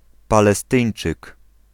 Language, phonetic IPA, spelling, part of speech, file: Polish, [ˌpalɛˈstɨ̃j̃n͇t͡ʃɨk], Palestyńczyk, noun, Pl-Palestyńczyk.ogg